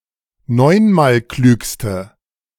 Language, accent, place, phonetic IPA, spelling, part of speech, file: German, Germany, Berlin, [ˈnɔɪ̯nmaːlˌklyːkstə], neunmalklügste, adjective, De-neunmalklügste.ogg
- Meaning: inflection of neunmalklug: 1. strong/mixed nominative/accusative feminine singular superlative degree 2. strong nominative/accusative plural superlative degree